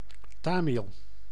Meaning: 1. Tamil; language spoken in the state of Tamil Nadu, India and in Sri Lanka, Singapore, Malaysia 2. Tamil; A person born in one of those regions, belonging to the Tamil people
- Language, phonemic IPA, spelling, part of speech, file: Dutch, /ˈtaː.mil/, Tamil, proper noun, Nl-Tamil.ogg